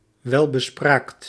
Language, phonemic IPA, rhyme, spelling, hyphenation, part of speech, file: Dutch, /ˌʋɛl.bəˈspraːkt/, -aːkt, welbespraakt, wel‧be‧spraakt, adjective, Nl-welbespraakt.ogg
- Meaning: well-spoken, eloquent